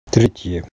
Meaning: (noun) third (fraction); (adjective) nominative feminine singular of тре́тий (trétij, “third”)
- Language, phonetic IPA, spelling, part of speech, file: Russian, [ˈtrʲetʲjə], третья, noun / adjective, Ru-третья.ogg